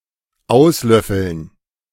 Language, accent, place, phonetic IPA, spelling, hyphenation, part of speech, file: German, Germany, Berlin, [ˈaʊ̯sˌlœfl̩n], auslöffeln, aus‧löf‧feln, verb, De-auslöffeln.ogg
- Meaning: to spoon out